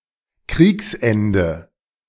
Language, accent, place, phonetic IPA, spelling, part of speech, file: German, Germany, Berlin, [ˈkʁiːksˌʔɛndə], Kriegsende, noun, De-Kriegsende.ogg
- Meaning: end of a war (or postwar period)